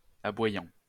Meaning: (verb) present participle of aboyer; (adjective) barking
- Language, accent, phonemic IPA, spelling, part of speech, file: French, France, /a.bwa.jɑ̃/, aboyant, verb / adjective, LL-Q150 (fra)-aboyant.wav